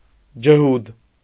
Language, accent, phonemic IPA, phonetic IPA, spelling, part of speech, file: Armenian, Eastern Armenian, /d͡ʒəˈhud/, [d͡ʒəhúd], ջհուդ, noun, Hy-ջհուդ.ogg
- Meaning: yid, kike